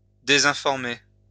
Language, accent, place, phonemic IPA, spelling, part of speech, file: French, France, Lyon, /de.zɛ̃.fɔʁ.me/, désinformer, verb, LL-Q150 (fra)-désinformer.wav
- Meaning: to misinform, disinform